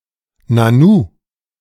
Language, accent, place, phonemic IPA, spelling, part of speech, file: German, Germany, Berlin, /naˈnuː/, nanu, interjection, De-nanu.ogg
- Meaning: An expression of wonderment or confusion